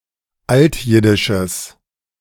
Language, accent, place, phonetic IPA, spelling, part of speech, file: German, Germany, Berlin, [ˈaltˌjɪdɪʃəs], altjiddisches, adjective, De-altjiddisches.ogg
- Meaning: strong/mixed nominative/accusative neuter singular of altjiddisch